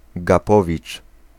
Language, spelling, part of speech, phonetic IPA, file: Polish, gapowicz, noun, [ɡaˈpɔvʲit͡ʃ], Pl-gapowicz.ogg